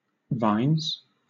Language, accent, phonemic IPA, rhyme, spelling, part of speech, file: English, Southern England, /vaɪnz/, -aɪnz, vines, noun, LL-Q1860 (eng)-vines.wav
- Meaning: plural of vine